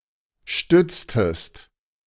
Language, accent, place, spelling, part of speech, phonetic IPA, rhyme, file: German, Germany, Berlin, stütztest, verb, [ˈʃtʏt͡stəst], -ʏt͡stəst, De-stütztest.ogg
- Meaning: inflection of stützen: 1. second-person singular preterite 2. second-person singular subjunctive II